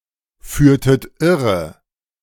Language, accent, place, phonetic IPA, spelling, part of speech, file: German, Germany, Berlin, [ˌfyːɐ̯tət ˈɪʁə], führtet irre, verb, De-führtet irre.ogg
- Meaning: inflection of irreführen: 1. second-person plural preterite 2. second-person plural subjunctive II